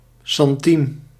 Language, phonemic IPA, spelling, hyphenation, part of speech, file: Dutch, /ˌsɛnˈti.mə/, centime, cen‧ti‧me, noun, Nl-centime.ogg
- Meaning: alternative form of centiem